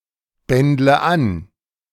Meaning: inflection of anbändeln: 1. first-person singular present 2. first/third-person singular subjunctive I 3. singular imperative
- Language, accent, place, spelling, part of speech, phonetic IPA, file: German, Germany, Berlin, bändle an, verb, [ˌbɛndlə ˈan], De-bändle an.ogg